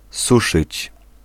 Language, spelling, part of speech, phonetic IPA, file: Polish, suszyć, verb, [ˈsuʃɨt͡ɕ], Pl-suszyć.ogg